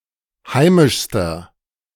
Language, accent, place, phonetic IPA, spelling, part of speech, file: German, Germany, Berlin, [ˈhaɪ̯mɪʃstɐ], heimischster, adjective, De-heimischster.ogg
- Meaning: inflection of heimisch: 1. strong/mixed nominative masculine singular superlative degree 2. strong genitive/dative feminine singular superlative degree 3. strong genitive plural superlative degree